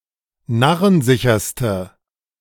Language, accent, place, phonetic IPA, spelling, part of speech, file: German, Germany, Berlin, [ˈnaʁənˌzɪçɐstə], narrensicherste, adjective, De-narrensicherste.ogg
- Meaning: inflection of narrensicher: 1. strong/mixed nominative/accusative feminine singular superlative degree 2. strong nominative/accusative plural superlative degree